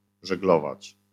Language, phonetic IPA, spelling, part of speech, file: Polish, [ʒɛɡˈlɔvat͡ɕ], żeglować, verb, LL-Q809 (pol)-żeglować.wav